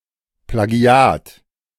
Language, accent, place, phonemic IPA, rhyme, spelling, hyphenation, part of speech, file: German, Germany, Berlin, /plaˈɡi̯aːt/, -aːt, Plagiat, Pla‧gi‧at, noun, De-Plagiat.ogg
- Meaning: plagiarism (a copying of someone's ideas, text or other creative work and claiming it as one's own)